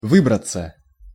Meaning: 1. to get out 2. passive of вы́брать (výbratʹ)
- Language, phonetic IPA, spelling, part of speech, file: Russian, [ˈvɨbrət͡sə], выбраться, verb, Ru-выбраться.ogg